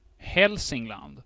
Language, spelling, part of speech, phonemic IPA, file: Swedish, Hälsingland, proper noun, /ˈhɛlsɪŋˌland/, Sv-Hälsingland.ogg
- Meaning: 1. Hälsingland (a historical province of Sweden) 2. euphemistic form of helvete